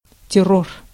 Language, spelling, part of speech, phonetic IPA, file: Russian, террор, noun, [tʲɪˈror], Ru-террор.ogg
- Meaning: terror (terrorist activities)